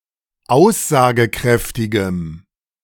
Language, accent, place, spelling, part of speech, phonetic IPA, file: German, Germany, Berlin, aussagekräftigem, adjective, [ˈaʊ̯szaːɡəˌkʁɛftɪɡəm], De-aussagekräftigem.ogg
- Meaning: strong dative masculine/neuter singular of aussagekräftig